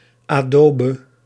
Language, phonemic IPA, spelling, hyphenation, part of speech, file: Dutch, /ɑˈdoː.bə/, adobe, ado‧be, noun, Nl-adobe.ogg
- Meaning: adobe